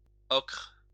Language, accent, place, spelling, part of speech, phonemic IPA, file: French, France, Lyon, ocre, noun / adjective, /ɔkʁ/, LL-Q150 (fra)-ocre.wav
- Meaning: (noun) ochre